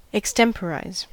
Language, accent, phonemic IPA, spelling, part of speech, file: English, US, /əkˈstɛmpəɹaɪz/, extemporise, verb, En-us-extemporise.ogg
- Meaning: 1. To do something, particularly to perform or speak, without prior planning or thought; to act in an impromptu manner; to improvise 2. To do something in a makeshift way